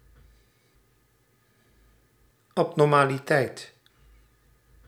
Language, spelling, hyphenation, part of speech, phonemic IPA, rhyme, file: Dutch, abnormaliteit, ab‧nor‧ma‧li‧teit, noun, /ˌɑp.nɔr.maː.liˈtɛi̯t/, -ɛi̯t, Nl-abnormaliteit.ogg
- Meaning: abnormality